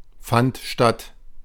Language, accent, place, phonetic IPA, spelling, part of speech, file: German, Germany, Berlin, [ˌfant ˈʃtat], fand statt, verb, De-fand statt.ogg
- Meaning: first/third-person singular preterite of stattfinden